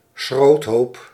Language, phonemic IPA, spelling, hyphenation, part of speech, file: Dutch, /ˈsxroːt.ɦoːp/, schroothoop, schroot‧hoop, noun, Nl-schroothoop.ogg
- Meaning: junkyard, scrapheap